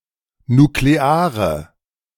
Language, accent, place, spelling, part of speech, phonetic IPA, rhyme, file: German, Germany, Berlin, nukleare, adjective, [nukleˈaːʁə], -aːʁə, De-nukleare.ogg
- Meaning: inflection of nuklear: 1. strong/mixed nominative/accusative feminine singular 2. strong nominative/accusative plural 3. weak nominative all-gender singular 4. weak accusative feminine/neuter singular